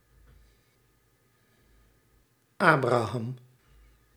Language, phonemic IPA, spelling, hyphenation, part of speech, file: Dutch, /ˈaː.braːˌɦɑm/, Abraham, Abra‧ham, proper noun, Nl-Abraham.ogg
- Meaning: 1. a male given name from Hebrew, equivalent to English Abraham 2. Abraham